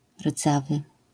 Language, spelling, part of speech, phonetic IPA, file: Polish, rdzawy, adjective, [ˈrd͡zavɨ], LL-Q809 (pol)-rdzawy.wav